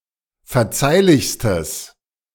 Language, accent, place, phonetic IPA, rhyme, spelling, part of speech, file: German, Germany, Berlin, [fɛɐ̯ˈt͡saɪ̯lɪçstəs], -aɪ̯lɪçstəs, verzeihlichstes, adjective, De-verzeihlichstes.ogg
- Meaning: strong/mixed nominative/accusative neuter singular superlative degree of verzeihlich